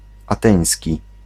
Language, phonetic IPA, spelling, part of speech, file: Polish, [aˈtɛ̃j̃sʲci], ateński, adjective, Pl-ateński.ogg